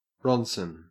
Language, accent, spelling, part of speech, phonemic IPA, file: English, Australia, ronson, noun, /ˈrɒnsən/, En-au-ronson.ogg
- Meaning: M4 Sherman tank - due to the proclivity of Shermans to burst into flames from a single hit